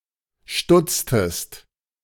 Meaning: inflection of stutzen: 1. second-person singular preterite 2. second-person singular subjunctive II
- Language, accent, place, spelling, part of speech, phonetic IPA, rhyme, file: German, Germany, Berlin, stutztest, verb, [ˈʃtʊt͡stəst], -ʊt͡stəst, De-stutztest.ogg